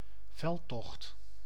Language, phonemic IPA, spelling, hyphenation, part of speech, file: Dutch, /ˈvɛl.tɔxt/, veldtocht, veld‧tocht, noun, Nl-veldtocht.ogg
- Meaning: 1. military campaign 2. campaign (e.g. public, political)